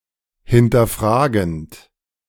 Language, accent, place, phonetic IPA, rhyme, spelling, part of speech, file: German, Germany, Berlin, [hɪntɐˈfʁaːɡn̩t], -aːɡn̩t, hinterfragend, verb, De-hinterfragend.ogg
- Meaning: present participle of hinterfragen